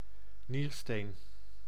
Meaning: a kidney stone (calculus in a kidney)
- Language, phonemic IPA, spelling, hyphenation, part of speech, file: Dutch, /ˈnir.steːn/, niersteen, nier‧steen, noun, Nl-niersteen.ogg